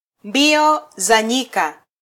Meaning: 1. marathon (42.195 kilometer road race) 2. cross country race
- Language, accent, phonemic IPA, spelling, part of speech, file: Swahili, Kenya, /ˈᵐbi.ɔ zɑ ˈɲi.kɑ/, mbio za nyika, noun, Sw-ke-mbio za nyika.flac